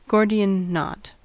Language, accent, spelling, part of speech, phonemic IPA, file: English, US, Gordian knot, noun, /ˈɡoʊɹdɪən ˈnɑt/, En-us-Gordian knot.ogg
- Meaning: 1. The legendary knot tied to a pole near the temple of Zeus in Gordium 2. Any intricate and complex problem having a simple solution